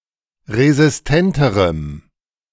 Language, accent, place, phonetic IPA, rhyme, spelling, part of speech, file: German, Germany, Berlin, [ʁezɪsˈtɛntəʁəm], -ɛntəʁəm, resistenterem, adjective, De-resistenterem.ogg
- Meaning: strong dative masculine/neuter singular comparative degree of resistent